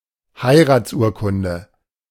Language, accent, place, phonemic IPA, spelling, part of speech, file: German, Germany, Berlin, /ˈhaɪ̯ˌʁaːtsˌuːɐ̯kʊndə/, Heiratsurkunde, noun, De-Heiratsurkunde.ogg
- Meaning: marriage certificate